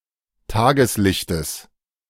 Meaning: genitive of Tageslicht
- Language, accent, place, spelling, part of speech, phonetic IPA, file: German, Germany, Berlin, Tageslichtes, noun, [ˈtaːɡəsˌlɪçtəs], De-Tageslichtes.ogg